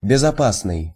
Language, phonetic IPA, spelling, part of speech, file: Russian, [bʲɪzɐˈpasnɨj], безопасный, adjective, Ru-безопасный.ogg
- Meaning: safe, secure